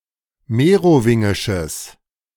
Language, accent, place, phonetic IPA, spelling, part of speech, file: German, Germany, Berlin, [ˈmeːʁoˌvɪŋɪʃəs], merowingisches, adjective, De-merowingisches.ogg
- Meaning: strong/mixed nominative/accusative neuter singular of merowingisch